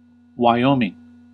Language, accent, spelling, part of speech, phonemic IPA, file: English, US, Wyoming, proper noun, /waɪˈoʊmɪŋ/, En-us-Wyoming.ogg
- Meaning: 1. A state of the United States, formerly a territory. Capital: Cheyenne 2. A number of other places in the United States: A town in Kent County, Delaware; a suburb of Dover